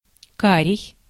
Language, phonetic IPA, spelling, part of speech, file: Russian, [ˈkarʲɪj], карий, adjective, Ru-карий.ogg
- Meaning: 1. brown, hazel 2. dark-chestnut